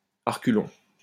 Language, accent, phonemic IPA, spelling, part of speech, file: French, France, /a ʁ(ə).ky.lɔ̃/, à reculons, adverb, LL-Q150 (fra)-à reculons.wav
- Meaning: 1. backwards 2. reluctantly; unwillingly